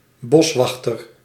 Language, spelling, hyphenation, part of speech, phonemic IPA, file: Dutch, boswachter, bos‧wach‧ter, noun, /ˈbɔsˌʋɑx.tər/, Nl-boswachter.ogg
- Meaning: 1. forest ranger, forest warden 2. forester